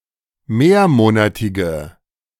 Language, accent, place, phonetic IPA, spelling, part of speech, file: German, Germany, Berlin, [ˈmeːɐ̯ˌmoːnatɪɡə], mehrmonatige, adjective, De-mehrmonatige.ogg
- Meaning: inflection of mehrmonatig: 1. strong/mixed nominative/accusative feminine singular 2. strong nominative/accusative plural 3. weak nominative all-gender singular